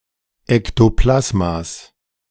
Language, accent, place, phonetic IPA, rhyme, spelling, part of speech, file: German, Germany, Berlin, [ɛktoˈplasmas], -asmas, Ektoplasmas, noun, De-Ektoplasmas.ogg
- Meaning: genitive singular of Ektoplasma